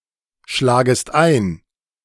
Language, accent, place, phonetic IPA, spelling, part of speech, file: German, Germany, Berlin, [ˌʃlaːɡəst ˈaɪ̯n], schlagest ein, verb, De-schlagest ein.ogg
- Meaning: second-person singular subjunctive I of einschlagen